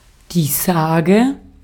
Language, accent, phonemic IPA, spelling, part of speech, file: German, Austria, /ˈsaː.ɡɛ/, Sage, noun, De-at-Sage.ogg
- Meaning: saga, legend, myth, story, tale